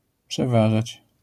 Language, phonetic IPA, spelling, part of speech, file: Polish, [pʃɛˈvaʒat͡ɕ], przeważać, verb, LL-Q809 (pol)-przeważać.wav